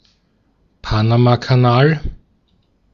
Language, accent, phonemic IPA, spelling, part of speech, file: German, Austria, /ˈpanamakaˌnaːl/, Panamakanal, proper noun, De-at-Panamakanal.ogg
- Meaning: Panama Canal (a canal in Panama)